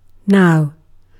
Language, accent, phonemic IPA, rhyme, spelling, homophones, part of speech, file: English, UK, /naʊ/, -aʊ, now, nao, adjective / adverb / conjunction / interjection / noun / verb, En-uk-now.ogg
- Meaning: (adjective) 1. Present; current 2. Fashionable; popular; up to date; current; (adverb) At the present time